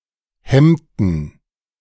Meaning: inflection of hemmen: 1. first/third-person plural preterite 2. first/third-person plural subjunctive II
- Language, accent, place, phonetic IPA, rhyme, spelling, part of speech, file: German, Germany, Berlin, [ˈhɛmtn̩], -ɛmtn̩, hemmten, verb, De-hemmten.ogg